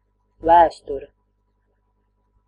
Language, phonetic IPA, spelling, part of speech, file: Latvian, [væ̀ːstuɾɛ], vēsture, noun, Lv-vēsture.ogg
- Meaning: 1. history (a chain of events, a process seen as evolving in time) 2. history (the past; past events) 3. history (the science that studies the development of human societies in time)